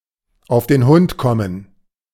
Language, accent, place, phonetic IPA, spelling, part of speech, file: German, Germany, Berlin, [aʊ̯f deːn ˈhʊnt ˈkɔmən], auf den Hund kommen, verb, De-auf den Hund kommen.ogg
- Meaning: to go to the dogs